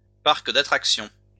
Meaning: amusement park, holiday park, fun park
- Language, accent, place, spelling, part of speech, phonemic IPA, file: French, France, Lyon, parc d'attractions, noun, /paʁk d‿a.tʁak.sjɔ̃/, LL-Q150 (fra)-parc d'attractions.wav